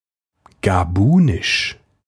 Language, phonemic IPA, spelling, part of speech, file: German, /ɡaˈbuːnɪʃ/, gabunisch, adjective, De-gabunisch.ogg
- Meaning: of Gabon; Gabonese